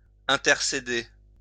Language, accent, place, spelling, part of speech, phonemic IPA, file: French, France, Lyon, intercéder, verb, /ɛ̃.tɛʁ.se.de/, LL-Q150 (fra)-intercéder.wav
- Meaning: to intercede